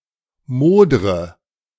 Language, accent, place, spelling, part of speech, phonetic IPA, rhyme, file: German, Germany, Berlin, modre, verb, [ˈmoːdʁə], -oːdʁə, De-modre.ogg
- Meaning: inflection of modern: 1. first-person singular present 2. first/third-person singular subjunctive I 3. singular imperative